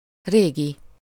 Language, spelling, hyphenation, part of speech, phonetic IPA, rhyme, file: Hungarian, régi, ré‧gi, adjective / noun, [ˈreːɡi], -ɡi, Hu-régi.ogg
- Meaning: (adjective) old (not new; compare öreg (“not young”)); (noun) 1. the ancients, the old folk 2. usual, same (a previous state or situation)